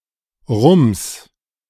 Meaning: 1. genitive singular of Rum 2. a jolt, a biff, thud, an unsharp impact or sound 3. fuckery, wass, jazz, a collection of matters serving ennui
- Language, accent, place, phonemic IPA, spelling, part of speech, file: German, Germany, Berlin, /ʁʊms/, Rums, noun, De-Rums.ogg